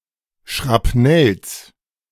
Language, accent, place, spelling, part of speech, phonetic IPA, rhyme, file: German, Germany, Berlin, Schrapnells, noun, [ʃʁapˈnɛls], -ɛls, De-Schrapnells.ogg
- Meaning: plural of Schrapnell